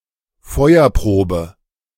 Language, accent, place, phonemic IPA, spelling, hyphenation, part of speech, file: German, Germany, Berlin, /ˈfɔɪ̯ɐˌpʁoːbə/, Feuerprobe, Feu‧er‧pro‧be, noun, De-Feuerprobe.ogg
- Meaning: trial by fire